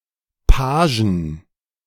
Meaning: 1. genitive singular of Page 2. plural of Page
- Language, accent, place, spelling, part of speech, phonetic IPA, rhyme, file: German, Germany, Berlin, Pagen, noun, [ˈpaːʒn̩], -aːʒn̩, De-Pagen.ogg